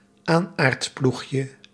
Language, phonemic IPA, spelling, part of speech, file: Dutch, /ˈanartˌpluxjə/, aanaardploegje, noun, Nl-aanaardploegje.ogg
- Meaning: diminutive of aanaardploeg